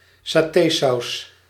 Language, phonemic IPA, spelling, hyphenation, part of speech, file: Dutch, /saːˈteːˌsɑu̯s/, satésaus, sa‧té‧saus, noun, Nl-satésaus.ogg
- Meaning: satay sauce, peanut sauce